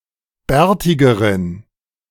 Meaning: inflection of bärtig: 1. strong genitive masculine/neuter singular comparative degree 2. weak/mixed genitive/dative all-gender singular comparative degree
- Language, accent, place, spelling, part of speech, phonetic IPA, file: German, Germany, Berlin, bärtigeren, adjective, [ˈbɛːɐ̯tɪɡəʁən], De-bärtigeren.ogg